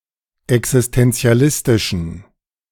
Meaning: inflection of existentialistisch: 1. strong genitive masculine/neuter singular 2. weak/mixed genitive/dative all-gender singular 3. strong/weak/mixed accusative masculine singular
- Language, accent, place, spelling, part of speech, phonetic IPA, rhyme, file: German, Germany, Berlin, existentialistischen, adjective, [ɛksɪstɛnt͡si̯aˈlɪstɪʃn̩], -ɪstɪʃn̩, De-existentialistischen.ogg